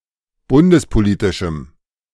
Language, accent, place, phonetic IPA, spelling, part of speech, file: German, Germany, Berlin, [ˈbʊndəspoˌliːtɪʃm̩], bundespolitischem, adjective, De-bundespolitischem.ogg
- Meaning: strong dative masculine/neuter singular of bundespolitisch